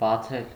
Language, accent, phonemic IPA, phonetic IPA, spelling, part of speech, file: Armenian, Eastern Armenian, /bɑˈt͡sʰel/, [bɑt͡sʰél], բացել, verb, Hy-բացել.ogg
- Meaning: to open